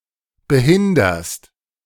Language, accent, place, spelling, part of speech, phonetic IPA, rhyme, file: German, Germany, Berlin, behinderst, verb, [bəˈhɪndɐst], -ɪndɐst, De-behinderst.ogg
- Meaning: second-person singular present of behindern